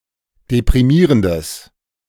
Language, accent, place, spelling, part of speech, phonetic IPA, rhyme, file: German, Germany, Berlin, deprimierendes, adjective, [depʁiˈmiːʁəndəs], -iːʁəndəs, De-deprimierendes.ogg
- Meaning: strong/mixed nominative/accusative neuter singular of deprimierend